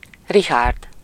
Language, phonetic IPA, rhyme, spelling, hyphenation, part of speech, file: Hungarian, [ˈriɦaːrd], -aːrd, Richárd, Ri‧chárd, proper noun, Hu-Richárd.ogg
- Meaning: a male given name, equivalent to English Richard